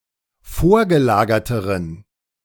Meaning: inflection of vorgelagert: 1. strong genitive masculine/neuter singular comparative degree 2. weak/mixed genitive/dative all-gender singular comparative degree
- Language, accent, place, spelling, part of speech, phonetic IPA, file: German, Germany, Berlin, vorgelagerteren, adjective, [ˈfoːɐ̯ɡəˌlaːɡɐtəʁən], De-vorgelagerteren.ogg